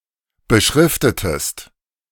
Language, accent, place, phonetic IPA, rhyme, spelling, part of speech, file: German, Germany, Berlin, [bəˈʃʁɪftətəst], -ɪftətəst, beschriftetest, verb, De-beschriftetest.ogg
- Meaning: inflection of beschriften: 1. second-person singular preterite 2. second-person singular subjunctive II